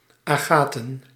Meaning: agate, consisting of or made from agate
- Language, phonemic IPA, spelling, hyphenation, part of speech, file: Dutch, /ˌaːˈɣaː.tə(n)/, agaten, aga‧ten, adjective, Nl-agaten.ogg